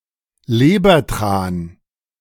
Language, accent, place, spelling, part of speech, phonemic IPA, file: German, Germany, Berlin, Lebertran, noun, /ˈleːbɐˌtʁaːn/, De-Lebertran.ogg
- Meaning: cod liver oil